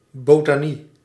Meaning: botany
- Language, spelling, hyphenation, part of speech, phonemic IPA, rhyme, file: Dutch, botanie, bo‧ta‧nie, noun, /boːtaːˈni/, -i, Nl-botanie.ogg